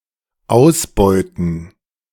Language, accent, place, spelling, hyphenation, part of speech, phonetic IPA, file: German, Germany, Berlin, ausbeuten, aus‧beu‧ten, verb, [ˈaʊ̯sbɔɪ̯tn̩], De-ausbeuten.ogg
- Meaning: 1. to exploit 2. to exhaust, to deplete